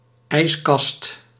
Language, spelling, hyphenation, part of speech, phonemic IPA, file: Dutch, ijskast, ijs‧kast, noun, /ˈɛi̯s.kɑst/, Nl-ijskast.ogg
- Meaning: refrigerator (originally a cupboard filled with ice to keep goods cool)